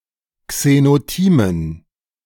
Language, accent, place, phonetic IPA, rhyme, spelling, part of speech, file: German, Germany, Berlin, [ksenoˈtiːmən], -iːmən, Xenotimen, noun, De-Xenotimen.ogg
- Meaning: dative plural of Xenotim